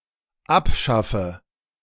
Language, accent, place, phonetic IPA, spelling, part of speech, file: German, Germany, Berlin, [ˈapˌʃafə], abschaffe, verb, De-abschaffe.ogg
- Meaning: inflection of abschaffen: 1. first-person singular dependent present 2. first/third-person singular dependent subjunctive I